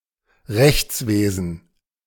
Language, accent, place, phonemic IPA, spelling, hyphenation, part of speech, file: German, Germany, Berlin, /ˈʁɛçt͡sˌveːzn̩/, Rechtswesen, Rechts‧we‧sen, noun, De-Rechtswesen.ogg
- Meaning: legal system